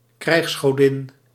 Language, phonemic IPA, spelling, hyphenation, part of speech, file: Dutch, /ˈkrɛi̯xs.xɔˌdɪn/, krijgsgodin, krijgs‧go‧din, noun, Nl-krijgsgodin.ogg
- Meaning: goddess of war